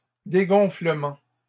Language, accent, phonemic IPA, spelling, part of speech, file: French, Canada, /de.ɡɔ̃.flə.mɑ̃/, dégonflements, noun, LL-Q150 (fra)-dégonflements.wav
- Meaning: plural of dégonflement